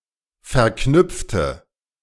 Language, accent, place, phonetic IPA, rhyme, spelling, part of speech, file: German, Germany, Berlin, [fɛɐ̯ˈknʏp͡ftə], -ʏp͡ftə, verknüpfte, adjective / verb, De-verknüpfte.ogg
- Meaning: inflection of verknüpft: 1. strong/mixed nominative/accusative feminine singular 2. strong nominative/accusative plural 3. weak nominative all-gender singular